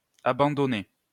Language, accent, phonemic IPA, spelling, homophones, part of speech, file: French, France, /a.bɑ̃.dɔ.ne/, abandonnez, abandonnai / abandonné / abandonnée / abandonner / abandonnées / abandonnés, verb, LL-Q150 (fra)-abandonnez.wav
- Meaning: inflection of abandonner: 1. second-person plural present indicative 2. second-person plural imperative